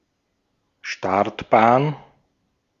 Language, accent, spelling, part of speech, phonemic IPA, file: German, Austria, Startbahn, noun, /ˈʃtaʁtbaːn/, De-at-Startbahn.ogg
- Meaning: runway